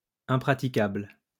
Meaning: 1. impracticable, unfeasible 2. impracticable, unusable
- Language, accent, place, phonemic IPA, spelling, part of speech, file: French, France, Lyon, /ɛ̃.pʁa.ti.kabl/, impraticable, adjective, LL-Q150 (fra)-impraticable.wav